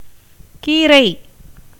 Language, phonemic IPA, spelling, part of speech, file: Tamil, /kiːɾɐɪ̯/, கீரை, noun, Ta-கீரை.ogg
- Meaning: greens, potherbs, vegetables